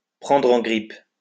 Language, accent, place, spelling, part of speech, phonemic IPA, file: French, France, Lyon, prendre en grippe, verb, /pʁɑ̃.dʁ‿ɑ̃ ɡʁip/, LL-Q150 (fra)-prendre en grippe.wav
- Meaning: to take a dislike to (someone), to take against (someone)